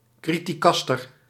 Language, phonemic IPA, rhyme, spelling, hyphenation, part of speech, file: Dutch, /ˌkri.tiˈkɑs.tər/, -ɑstər, criticaster, cri‧ti‧cas‧ter, noun, Nl-criticaster.ogg
- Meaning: criticaster, uncharitable critic